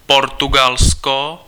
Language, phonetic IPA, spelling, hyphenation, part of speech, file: Czech, [ˈportuɡalsko], Portugalsko, Por‧tu‧gal‧sko, proper noun, Cs-Portugalsko.ogg
- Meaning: Portugal (a country in Southern Europe, on the Iberian Peninsula; official name: Portugalská republika)